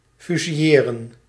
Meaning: to execute by firing squad
- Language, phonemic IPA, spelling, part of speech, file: Dutch, /fyziˈ(j)eːrə(n)/, fusilleren, verb, Nl-fusilleren.ogg